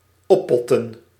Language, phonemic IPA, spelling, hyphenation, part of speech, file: Dutch, /ˈɔˌpɔ.tə(n)/, oppotten, op‧pot‧ten, verb, Nl-oppotten.ogg
- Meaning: 1. to store or put in pots, to pot 2. to stockpile, to store, to hoard